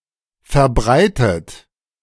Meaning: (verb) past participle of verbreiten; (adjective) common, widespread, prevalent
- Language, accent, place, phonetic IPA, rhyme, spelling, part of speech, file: German, Germany, Berlin, [fɛɐ̯ˈbʁaɪ̯tət], -aɪ̯tət, verbreitet, adjective / verb, De-verbreitet.ogg